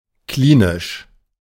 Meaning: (adjective) clinical; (adverb) clinically
- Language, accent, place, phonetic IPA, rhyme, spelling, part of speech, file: German, Germany, Berlin, [ˈkliːnɪʃ], -iːnɪʃ, klinisch, adjective, De-klinisch.ogg